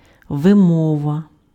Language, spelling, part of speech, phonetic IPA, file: Ukrainian, вимова, noun, [ʋeˈmɔʋɐ], Uk-вимова.ogg
- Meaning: pronunciation